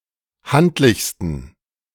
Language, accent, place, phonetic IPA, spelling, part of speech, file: German, Germany, Berlin, [ˈhantlɪçstn̩], handlichsten, adjective, De-handlichsten.ogg
- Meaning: 1. superlative degree of handlich 2. inflection of handlich: strong genitive masculine/neuter singular superlative degree